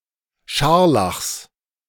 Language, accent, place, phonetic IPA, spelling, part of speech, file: German, Germany, Berlin, [ˈʃaʁlaxs], Scharlachs, noun, De-Scharlachs.ogg
- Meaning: genitive of Scharlach